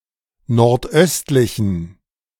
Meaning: inflection of nordöstlich: 1. strong genitive masculine/neuter singular 2. weak/mixed genitive/dative all-gender singular 3. strong/weak/mixed accusative masculine singular 4. strong dative plural
- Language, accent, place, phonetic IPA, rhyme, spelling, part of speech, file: German, Germany, Berlin, [nɔʁtˈʔœstlɪçn̩], -œstlɪçn̩, nordöstlichen, adjective, De-nordöstlichen.ogg